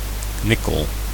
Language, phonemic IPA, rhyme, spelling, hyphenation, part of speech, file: Dutch, /ˈnɪ.kəl/, -ɪkəl, nikkel, nik‧kel, noun, Nl-nikkel.ogg
- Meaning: 1. nickel 2. nickel (the coin)